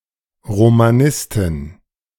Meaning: female equivalent of Romanist (“Romanicist”)
- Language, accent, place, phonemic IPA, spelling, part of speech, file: German, Germany, Berlin, /ʁomaˈnɪstɪn/, Romanistin, noun, De-Romanistin.ogg